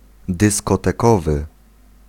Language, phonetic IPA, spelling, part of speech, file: Polish, [ˌdɨskɔtɛˈkɔvɨ], dyskotekowy, adjective, Pl-dyskotekowy.ogg